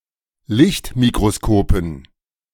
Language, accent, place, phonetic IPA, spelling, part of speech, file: German, Germany, Berlin, [ˈlɪçtmikʁoˌskoːpn̩], Lichtmikroskopen, noun, De-Lichtmikroskopen.ogg
- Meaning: dative plural of Lichtmikroskop